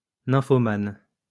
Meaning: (adjective) nymphomaniac
- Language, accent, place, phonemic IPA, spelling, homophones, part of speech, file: French, France, Lyon, /nɛ̃.fɔ.man/, nymphomane, nymphomanes, adjective / noun, LL-Q150 (fra)-nymphomane.wav